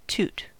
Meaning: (noun) 1. The noise of a horn or whistle 2. A fart; flatus 3. Cocaine 4. A portion of cocaine that a person snorts 5. A spree of drunkenness 6. Rubbish; tat
- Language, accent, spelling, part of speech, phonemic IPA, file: English, US, toot, noun / verb, /ˈtut/, En-us-toot.ogg